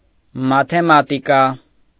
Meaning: mathematics
- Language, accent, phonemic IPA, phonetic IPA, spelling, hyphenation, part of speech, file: Armenian, Eastern Armenian, /mɑtʰemɑtiˈkɑ/, [mɑtʰemɑtikɑ́], մաթեմատիկա, մա‧թե‧մա‧տի‧կա, noun, Hy-մաթեմատիկա.ogg